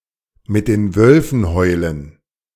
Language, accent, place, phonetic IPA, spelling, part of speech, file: German, Germany, Berlin, [mɪt deːn ˈvœlfn̩ ˈhɔɪ̯lən], mit den Wölfen heulen, verb, De-mit den Wölfen heulen.ogg
- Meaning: to follow the masses